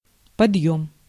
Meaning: 1. lifting, raise, raising 2. hoisting (of a flag) 3. salvaging (of a sunken ship) 4. ascent, rise, upgrade 5. climb (of a plane) 6. slope, rise (of a mountain) 7. raising, development, upsurge
- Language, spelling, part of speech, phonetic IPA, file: Russian, подъём, noun, [pɐdˈjɵm], Ru-подъём.ogg